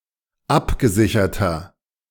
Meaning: 1. comparative degree of abgesichert 2. inflection of abgesichert: strong/mixed nominative masculine singular 3. inflection of abgesichert: strong genitive/dative feminine singular
- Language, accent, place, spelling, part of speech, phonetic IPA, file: German, Germany, Berlin, abgesicherter, adjective, [ˈapɡəˌzɪçɐtɐ], De-abgesicherter.ogg